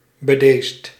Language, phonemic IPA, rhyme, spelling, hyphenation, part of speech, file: Dutch, /bəˈdeːst/, -eːst, bedeesd, be‧deesd, adjective, Nl-bedeesd.ogg
- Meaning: shy, timid